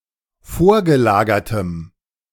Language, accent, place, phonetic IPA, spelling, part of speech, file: German, Germany, Berlin, [ˈfoːɐ̯ɡəˌlaːɡɐtəm], vorgelagertem, adjective, De-vorgelagertem.ogg
- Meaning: strong dative masculine/neuter singular of vorgelagert